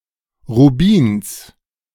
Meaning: genitive singular of Rubin
- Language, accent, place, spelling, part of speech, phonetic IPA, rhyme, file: German, Germany, Berlin, Rubins, noun, [ʁuˈbiːns], -iːns, De-Rubins.ogg